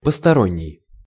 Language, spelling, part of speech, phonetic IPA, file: Russian, посторонний, adjective / noun, [pəstɐˈronʲːɪj], Ru-посторонний.ogg
- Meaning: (adjective) 1. strange, outside, foreign 2. unauthorized 3. accessory, secondary; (noun) 1. stranger, outsider, foreigner 2. unauthorized person